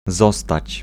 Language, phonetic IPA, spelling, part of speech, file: Polish, [ˈzɔstat͡ɕ], zostać, verb, Pl-zostać.ogg